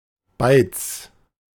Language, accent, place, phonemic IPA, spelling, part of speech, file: German, Germany, Berlin, /baɪ̯ts/, Beiz, noun, De-Beiz.ogg
- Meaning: pub, bar